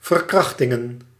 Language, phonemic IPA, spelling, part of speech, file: Dutch, /vər.ˈkrɑx.tɪŋ.ə(n)/, verkrachtingen, noun, Nl-verkrachtingen.ogg
- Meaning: plural of verkrachting